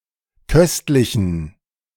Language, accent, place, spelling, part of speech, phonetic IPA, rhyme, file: German, Germany, Berlin, köstlichen, adjective, [ˈkœstlɪçn̩], -œstlɪçn̩, De-köstlichen.ogg
- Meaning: inflection of köstlich: 1. strong genitive masculine/neuter singular 2. weak/mixed genitive/dative all-gender singular 3. strong/weak/mixed accusative masculine singular 4. strong dative plural